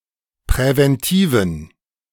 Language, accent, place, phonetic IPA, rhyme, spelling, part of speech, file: German, Germany, Berlin, [pʁɛvɛnˈtiːvn̩], -iːvn̩, präventiven, adjective, De-präventiven.ogg
- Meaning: inflection of präventiv: 1. strong genitive masculine/neuter singular 2. weak/mixed genitive/dative all-gender singular 3. strong/weak/mixed accusative masculine singular 4. strong dative plural